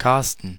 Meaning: a male given name
- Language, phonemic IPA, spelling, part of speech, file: German, /ˈkarstən/, Karsten, proper noun, De-Karsten.ogg